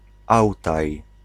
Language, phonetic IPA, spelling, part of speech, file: Polish, [ˈawtaj], Ałtaj, proper noun, Pl-Ałtaj.ogg